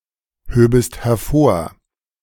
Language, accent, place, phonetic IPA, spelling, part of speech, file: German, Germany, Berlin, [ˌhøːbəst hɛɐ̯ˈfoːɐ̯], höbest hervor, verb, De-höbest hervor.ogg
- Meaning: second-person singular subjunctive II of hervorheben